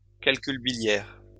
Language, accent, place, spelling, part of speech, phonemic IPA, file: French, France, Lyon, calcul biliaire, noun, /kal.kyl bi.ljɛʁ/, LL-Q150 (fra)-calcul biliaire.wav
- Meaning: gallstone